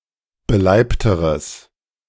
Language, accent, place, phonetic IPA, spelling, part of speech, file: German, Germany, Berlin, [bəˈlaɪ̯ptəʁəs], beleibteres, adjective, De-beleibteres.ogg
- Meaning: strong/mixed nominative/accusative neuter singular comparative degree of beleibt